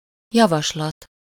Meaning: 1. proposal, suggestion 2. motion (parliamentary proposal)
- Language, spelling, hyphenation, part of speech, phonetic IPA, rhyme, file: Hungarian, javaslat, ja‧vas‧lat, noun, [ˈjɒvɒʃlɒt], -ɒt, Hu-javaslat.ogg